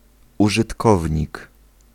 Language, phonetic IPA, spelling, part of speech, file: Polish, [ˌuʒɨtˈkɔvʲɲik], użytkownik, noun, Pl-użytkownik.ogg